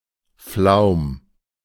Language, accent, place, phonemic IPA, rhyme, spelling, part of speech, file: German, Germany, Berlin, /flaʊ̯m/, -aʊ̯m, Flaum, noun, De-Flaum.ogg
- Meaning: fluff; down (thin hair, such as on an adolescent boy’s upper lip)